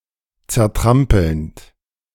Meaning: present participle of zertrampeln
- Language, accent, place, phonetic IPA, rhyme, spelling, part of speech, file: German, Germany, Berlin, [t͡sɛɐ̯ˈtʁampl̩nt], -ampl̩nt, zertrampelnd, verb, De-zertrampelnd.ogg